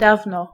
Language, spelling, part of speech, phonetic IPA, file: Polish, dawno, adverb, [ˈdavnɔ], Pl-dawno.ogg